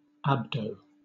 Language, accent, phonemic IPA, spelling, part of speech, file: English, Southern England, /ˈæbdəʊ/, abdo, noun / adjective, LL-Q1860 (eng)-abdo.wav
- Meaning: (noun) Abdomen; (adjective) Abdominal